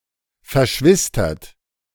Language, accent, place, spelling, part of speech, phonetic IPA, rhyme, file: German, Germany, Berlin, verschwistert, verb, [fɛɐ̯ˈʃvɪstɐt], -ɪstɐt, De-verschwistert.ogg
- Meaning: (verb) past participle of verschwistern; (adjective) twinned